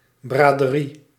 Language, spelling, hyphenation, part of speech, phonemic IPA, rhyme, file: Dutch, braderie, bra‧de‧rie, noun, /ˌbraː.dəˈri/, -i, Nl-braderie.ogg
- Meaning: open-air fair (market)